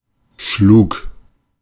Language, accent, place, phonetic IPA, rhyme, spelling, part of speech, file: German, Germany, Berlin, [ʃluːk], -uːk, schlug, verb, De-schlug.ogg
- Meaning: first/third-person singular preterite of schlagen